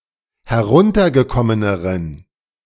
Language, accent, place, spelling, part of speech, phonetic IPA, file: German, Germany, Berlin, heruntergekommeneren, adjective, [hɛˈʁʊntɐɡəˌkɔmənəʁən], De-heruntergekommeneren.ogg
- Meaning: inflection of heruntergekommen: 1. strong genitive masculine/neuter singular comparative degree 2. weak/mixed genitive/dative all-gender singular comparative degree